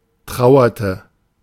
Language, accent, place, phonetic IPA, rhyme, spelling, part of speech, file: German, Germany, Berlin, [ˈtʁaʊ̯ɐtə], -aʊ̯ɐtə, trauerte, verb, De-trauerte.ogg
- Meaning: inflection of trauern: 1. first/third-person singular preterite 2. first/third-person singular subjunctive II